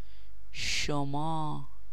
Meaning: 1. you guys; you (plural) 2. you (singular)
- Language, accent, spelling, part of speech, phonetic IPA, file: Persian, Iran, شما, pronoun, [ʃo.mɒ́ː], Fa-شما.ogg